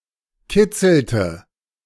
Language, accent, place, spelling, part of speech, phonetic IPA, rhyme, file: German, Germany, Berlin, kitzelte, verb, [ˈkɪt͡sl̩tə], -ɪt͡sl̩tə, De-kitzelte.ogg
- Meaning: inflection of kitzeln: 1. first/third-person singular preterite 2. first/third-person singular subjunctive II